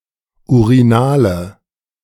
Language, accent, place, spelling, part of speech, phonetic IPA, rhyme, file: German, Germany, Berlin, urinale, adjective, [uʁiˈnaːlə], -aːlə, De-urinale.ogg
- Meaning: inflection of urinal: 1. strong/mixed nominative/accusative feminine singular 2. strong nominative/accusative plural 3. weak nominative all-gender singular 4. weak accusative feminine/neuter singular